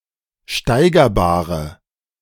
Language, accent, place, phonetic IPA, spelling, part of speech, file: German, Germany, Berlin, [ˈʃtaɪ̯ɡɐˌbaːʁə], steigerbare, adjective, De-steigerbare.ogg
- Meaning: inflection of steigerbar: 1. strong/mixed nominative/accusative feminine singular 2. strong nominative/accusative plural 3. weak nominative all-gender singular